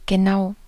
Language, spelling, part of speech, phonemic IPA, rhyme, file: German, genau, adjective / adverb, /ɡəˈnaʊ̯/, -aʊ̯, De-genau.ogg
- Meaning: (adjective) exact; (adverb) just, exactly